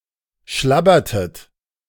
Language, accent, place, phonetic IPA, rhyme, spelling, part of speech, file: German, Germany, Berlin, [ˈʃlabɐtət], -abɐtət, schlabbertet, verb, De-schlabbertet.ogg
- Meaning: inflection of schlabbern: 1. second-person plural preterite 2. second-person plural subjunctive II